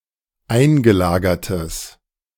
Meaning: strong/mixed nominative/accusative neuter singular of eingelagert
- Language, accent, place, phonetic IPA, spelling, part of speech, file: German, Germany, Berlin, [ˈaɪ̯nɡəˌlaːɡɐtəs], eingelagertes, adjective, De-eingelagertes.ogg